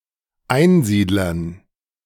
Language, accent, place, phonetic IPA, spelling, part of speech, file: German, Germany, Berlin, [ˈaɪ̯nˌziːdlɐn], Einsiedlern, noun, De-Einsiedlern.ogg
- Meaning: dative plural of Einsiedler